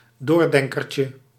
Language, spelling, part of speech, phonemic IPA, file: Dutch, doordenkertje, noun, /ˈdordɛŋkərcə/, Nl-doordenkertje.ogg
- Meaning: diminutive of doordenker